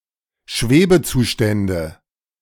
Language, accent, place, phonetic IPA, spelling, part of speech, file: German, Germany, Berlin, [ˈʃveːbəˌt͡suːʃtɛndə], Schwebezustände, noun, De-Schwebezustände.ogg
- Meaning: nominative/accusative/genitive plural of Schwebezustand